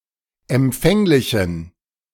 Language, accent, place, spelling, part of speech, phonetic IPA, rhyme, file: German, Germany, Berlin, empfänglichen, adjective, [ɛmˈp͡fɛŋlɪçn̩], -ɛŋlɪçn̩, De-empfänglichen.ogg
- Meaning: inflection of empfänglich: 1. strong genitive masculine/neuter singular 2. weak/mixed genitive/dative all-gender singular 3. strong/weak/mixed accusative masculine singular 4. strong dative plural